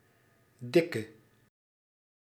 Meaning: inflection of dik: 1. masculine/feminine singular attributive 2. definite neuter singular attributive 3. plural attributive
- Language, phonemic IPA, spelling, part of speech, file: Dutch, /ˈdɪkə/, dikke, adjective, Nl-dikke.ogg